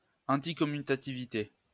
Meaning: anticommutativity
- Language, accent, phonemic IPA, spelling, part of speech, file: French, France, /ɑ̃.ti.kɔ.my.ta.ti.vi.te/, anticommutativité, noun, LL-Q150 (fra)-anticommutativité.wav